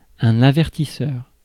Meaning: 1. warning (device) 2. horn, hooter, klaxon
- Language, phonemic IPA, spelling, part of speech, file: French, /a.vɛʁ.ti.sœʁ/, avertisseur, noun, Fr-avertisseur.ogg